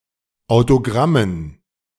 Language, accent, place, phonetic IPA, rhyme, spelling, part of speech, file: German, Germany, Berlin, [aʊ̯toˈɡʁamən], -amən, Autogrammen, noun, De-Autogrammen.ogg
- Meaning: dative plural of Autogramm